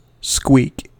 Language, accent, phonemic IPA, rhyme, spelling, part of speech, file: English, US, /skwiːk/, -iːk, squeak, noun / verb, En-us-squeak.ogg
- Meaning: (noun) 1. A short, high-pitched sound, as of two objects rubbing together, or the sounds made by mice and other small animals 2. A card game similar to group solitaire 3. A narrow squeak